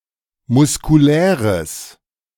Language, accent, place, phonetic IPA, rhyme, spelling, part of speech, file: German, Germany, Berlin, [mʊskuˈlɛːʁəs], -ɛːʁəs, muskuläres, adjective, De-muskuläres.ogg
- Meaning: strong/mixed nominative/accusative neuter singular of muskulär